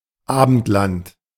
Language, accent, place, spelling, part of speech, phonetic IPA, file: German, Germany, Berlin, Abendland, noun, [ˈaːbn̩tlant], De-Abendland.ogg
- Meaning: The Western world; Christendom